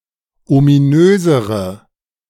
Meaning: inflection of ominös: 1. strong/mixed nominative/accusative feminine singular comparative degree 2. strong nominative/accusative plural comparative degree
- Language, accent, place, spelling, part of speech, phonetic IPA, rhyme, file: German, Germany, Berlin, ominösere, adjective, [omiˈnøːzəʁə], -øːzəʁə, De-ominösere.ogg